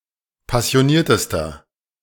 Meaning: inflection of passioniert: 1. strong/mixed nominative masculine singular superlative degree 2. strong genitive/dative feminine singular superlative degree 3. strong genitive plural superlative degree
- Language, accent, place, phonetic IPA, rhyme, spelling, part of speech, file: German, Germany, Berlin, [pasi̯oˈniːɐ̯təstɐ], -iːɐ̯təstɐ, passioniertester, adjective, De-passioniertester.ogg